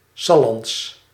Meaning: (adjective) of, from or pertaining to Salland; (proper noun) Sallands, a Low Saxon dialect spoken in the Salland region of Overijssel
- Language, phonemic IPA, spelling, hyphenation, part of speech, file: Dutch, /ˈsɑ.lɑnts/, Sallands, Sal‧lands, adjective / proper noun, Nl-Sallands.ogg